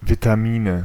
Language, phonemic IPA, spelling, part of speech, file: German, /vitaˈmiːnə/, Vitamine, noun, De-Vitamine.ogg
- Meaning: nominative/accusative/genitive plural of Vitamin